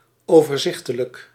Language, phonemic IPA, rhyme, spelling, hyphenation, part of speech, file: Dutch, /ˌoː.vərˈzɪx.tə.lək/, -ɪxtələk, overzichtelijk, over‧zich‧te‧lijk, adjective, Nl-overzichtelijk.ogg
- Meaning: conveniently and comprehensibly organized; not cluttered; not complicated